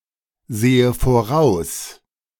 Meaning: inflection of voraussehen: 1. first-person singular present 2. first/third-person singular subjunctive I
- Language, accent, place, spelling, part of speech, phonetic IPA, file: German, Germany, Berlin, sehe voraus, verb, [ˌzeːə foˈʁaʊ̯s], De-sehe voraus.ogg